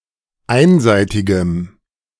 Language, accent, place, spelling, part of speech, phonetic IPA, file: German, Germany, Berlin, einseitigem, adjective, [ˈaɪ̯nˌzaɪ̯tɪɡəm], De-einseitigem.ogg
- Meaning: strong dative masculine/neuter singular of einseitig